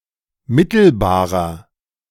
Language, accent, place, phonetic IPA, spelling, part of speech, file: German, Germany, Berlin, [ˈmɪtl̩baːʁɐ], mittelbarer, adjective, De-mittelbarer.ogg
- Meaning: 1. comparative degree of mittelbar 2. inflection of mittelbar: strong/mixed nominative masculine singular 3. inflection of mittelbar: strong genitive/dative feminine singular